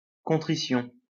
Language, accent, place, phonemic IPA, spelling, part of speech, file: French, France, Lyon, /kɔ̃.tʁi.sjɔ̃/, contrition, noun, LL-Q150 (fra)-contrition.wav
- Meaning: remorse, contrition